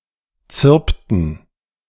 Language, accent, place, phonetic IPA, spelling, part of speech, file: German, Germany, Berlin, [ˈt͡sɪʁptn̩], zirpten, verb, De-zirpten.ogg
- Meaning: inflection of zirpen: 1. first/third-person plural preterite 2. first/third-person plural subjunctive II